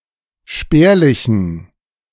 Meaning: inflection of spärlich: 1. strong genitive masculine/neuter singular 2. weak/mixed genitive/dative all-gender singular 3. strong/weak/mixed accusative masculine singular 4. strong dative plural
- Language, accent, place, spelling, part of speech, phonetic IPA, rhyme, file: German, Germany, Berlin, spärlichen, adjective, [ˈʃpɛːɐ̯lɪçn̩], -ɛːɐ̯lɪçn̩, De-spärlichen.ogg